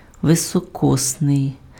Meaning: leap, bissextile (referring to leap years, leap days, etc.)
- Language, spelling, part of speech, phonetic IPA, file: Ukrainian, високосний, adjective, [ʋesɔˈkɔsnei̯], Uk-високосний.ogg